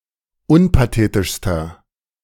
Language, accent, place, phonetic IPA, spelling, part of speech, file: German, Germany, Berlin, [ˈʊnpaˌteːtɪʃstɐ], unpathetischster, adjective, De-unpathetischster.ogg
- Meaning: inflection of unpathetisch: 1. strong/mixed nominative masculine singular superlative degree 2. strong genitive/dative feminine singular superlative degree 3. strong genitive plural superlative degree